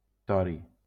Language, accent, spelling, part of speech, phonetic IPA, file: Catalan, Valencia, tori, noun, [ˈtɔ.ɾi], LL-Q7026 (cat)-tori.wav
- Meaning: thorium